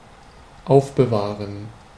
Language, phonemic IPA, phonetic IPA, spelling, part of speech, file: German, /ˈaʊ̯fbəˌvaːʁən/, [ˈʔaʊ̯fbəˌvaːɐ̯n], aufbewahren, verb, De-aufbewahren.ogg
- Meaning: to keep, to preserve (to maintain the condition of)